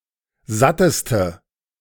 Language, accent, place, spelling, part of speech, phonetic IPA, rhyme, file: German, Germany, Berlin, satteste, adjective, [ˈzatəstə], -atəstə, De-satteste.ogg
- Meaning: inflection of satt: 1. strong/mixed nominative/accusative feminine singular superlative degree 2. strong nominative/accusative plural superlative degree